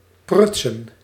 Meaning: 1. to mess around, fiddle around 2. to bungle
- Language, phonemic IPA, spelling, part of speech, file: Dutch, /ˈprʏtsə(n)/, prutsen, verb / noun, Nl-prutsen.ogg